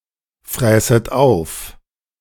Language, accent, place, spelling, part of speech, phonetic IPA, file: German, Germany, Berlin, fräßet auf, verb, [ˌfʁɛːsət ˈaʊ̯f], De-fräßet auf.ogg
- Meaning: second-person plural subjunctive II of auffressen